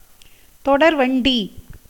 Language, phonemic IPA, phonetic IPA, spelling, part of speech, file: Tamil, /t̪oɖɐɾʋɐɳɖiː/, [t̪o̞ɖɐɾʋɐɳɖiː], தொடர்வண்டி, noun, Ta-தொடர்வண்டி.ogg
- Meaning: 1. train 2. railway